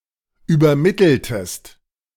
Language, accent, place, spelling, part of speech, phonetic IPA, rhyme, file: German, Germany, Berlin, übermitteltest, verb, [yːbɐˈmɪtl̩təst], -ɪtl̩təst, De-übermitteltest.ogg
- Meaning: inflection of übermitteln: 1. second-person singular preterite 2. second-person singular subjunctive II